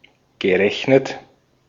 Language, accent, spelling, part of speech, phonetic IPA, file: German, Austria, gerechnet, verb, [ɡəˈʁɛçnət], De-at-gerechnet.ogg
- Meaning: past participle of rechnen